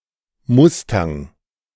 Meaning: mustang
- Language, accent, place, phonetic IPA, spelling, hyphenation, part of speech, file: German, Germany, Berlin, [ˈmʊstaŋ], Mustang, Mus‧tang, noun, De-Mustang.ogg